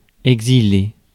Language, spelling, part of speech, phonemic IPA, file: French, exiler, verb, /ɛɡ.zi.le/, Fr-exiler.ogg
- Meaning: 1. to exile, to banish 2. to go into exile